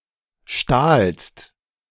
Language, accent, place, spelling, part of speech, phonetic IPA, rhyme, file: German, Germany, Berlin, stahlst, verb, [ʃtaːlst], -aːlst, De-stahlst.ogg
- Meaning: second-person singular preterite of stehlen